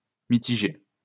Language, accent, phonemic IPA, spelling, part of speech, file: French, France, /mi.ti.ʒe/, mitigé, verb / adjective, LL-Q150 (fra)-mitigé.wav
- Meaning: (verb) past participle of mitiger; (adjective) qualified (success etc.); ambivalent, mixed (feelings), lukewarm (results)